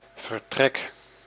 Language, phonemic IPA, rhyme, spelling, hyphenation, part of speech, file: Dutch, /vərˈtrɛk/, -ɛk, vertrek, ver‧trek, noun / verb, Nl-vertrek.ogg
- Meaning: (noun) 1. departure (the act of departing) 2. room, quarters; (verb) inflection of vertrekken: 1. first-person singular present indicative 2. second-person singular present indicative 3. imperative